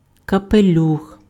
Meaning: 1. A brimmed hat 2. genitive plural of капелю́ха (kapeljúxa)
- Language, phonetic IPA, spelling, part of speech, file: Ukrainian, [kɐpeˈlʲux], капелюх, noun, Uk-капелюх.ogg